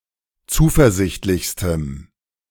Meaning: strong dative masculine/neuter singular superlative degree of zuversichtlich
- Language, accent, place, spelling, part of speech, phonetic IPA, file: German, Germany, Berlin, zuversichtlichstem, adjective, [ˈt͡suːfɛɐ̯ˌzɪçtlɪçstəm], De-zuversichtlichstem.ogg